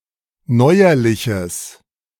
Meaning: strong/mixed nominative/accusative neuter singular of neuerlich
- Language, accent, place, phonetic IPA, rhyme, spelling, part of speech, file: German, Germany, Berlin, [ˈnɔɪ̯ɐlɪçəs], -ɔɪ̯ɐlɪçəs, neuerliches, adjective, De-neuerliches.ogg